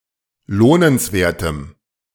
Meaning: strong dative masculine/neuter singular of lohnenswert
- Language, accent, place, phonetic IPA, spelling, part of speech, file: German, Germany, Berlin, [ˈloːnənsˌveːɐ̯təm], lohnenswertem, adjective, De-lohnenswertem.ogg